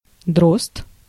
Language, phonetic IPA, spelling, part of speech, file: Russian, [drost], дрозд, noun, Ru-дрозд.ogg
- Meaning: 1. thrush (bird) 2. a male member of the Drozdovsky Division of the White Army of South Russia